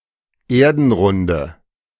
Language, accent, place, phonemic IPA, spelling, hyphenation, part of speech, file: German, Germany, Berlin, /ˈeːɐ̯dn̩ˌʁʊndə/, Erdenrunde, Er‧den‧run‧de, noun, De-Erdenrunde.ogg
- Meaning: dative singular of Erdenrund